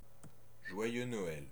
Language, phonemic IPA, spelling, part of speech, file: French, /ʒwa.jø nɔ.ɛl/, joyeux Noël, interjection, Fr-joyeux Noël.ogg
- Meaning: Merry Christmas; Happy Christmas